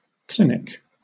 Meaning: 1. A medical facility, such as a hospital, especially one for the treatment and diagnosis of outpatients 2. A hospital session to diagnose or treat patients
- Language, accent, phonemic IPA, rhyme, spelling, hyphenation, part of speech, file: English, Southern England, /ˈklɪn.ɪk/, -ɪnɪk, clinic, cli‧nic, noun, LL-Q1860 (eng)-clinic.wav